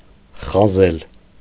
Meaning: to draw a line; to scratch
- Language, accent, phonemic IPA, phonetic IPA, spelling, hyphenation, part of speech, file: Armenian, Eastern Armenian, /χɑˈzel/, [χɑzél], խազել, խա‧զել, verb, Hy-խազել.ogg